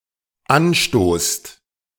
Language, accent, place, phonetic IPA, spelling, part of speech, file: German, Germany, Berlin, [ˈanˌʃtoːst], anstoßt, verb, De-anstoßt.ogg
- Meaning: second-person plural dependent present of anstoßen